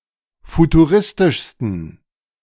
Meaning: 1. superlative degree of futuristisch 2. inflection of futuristisch: strong genitive masculine/neuter singular superlative degree
- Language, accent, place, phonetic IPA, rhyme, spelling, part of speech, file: German, Germany, Berlin, [futuˈʁɪstɪʃstn̩], -ɪstɪʃstn̩, futuristischsten, adjective, De-futuristischsten.ogg